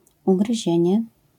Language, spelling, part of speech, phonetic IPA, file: Polish, ugryzienie, noun, [ˌuɡrɨˈʑɛ̇̃ɲɛ], LL-Q809 (pol)-ugryzienie.wav